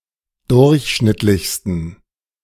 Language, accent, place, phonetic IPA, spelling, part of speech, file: German, Germany, Berlin, [ˈdʊʁçˌʃnɪtlɪçstn̩], durchschnittlichsten, adjective, De-durchschnittlichsten.ogg
- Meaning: 1. superlative degree of durchschnittlich 2. inflection of durchschnittlich: strong genitive masculine/neuter singular superlative degree